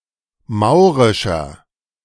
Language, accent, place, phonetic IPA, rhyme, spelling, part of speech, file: German, Germany, Berlin, [ˈmaʊ̯ʁɪʃɐ], -aʊ̯ʁɪʃɐ, maurischer, adjective, De-maurischer.ogg
- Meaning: inflection of maurisch: 1. strong/mixed nominative masculine singular 2. strong genitive/dative feminine singular 3. strong genitive plural